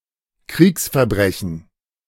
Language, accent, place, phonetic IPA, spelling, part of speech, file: German, Germany, Berlin, [ˈkʁiːksfɛɐ̯ˌbʁɛçn̩], Kriegsverbrechen, noun, De-Kriegsverbrechen.ogg
- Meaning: war crime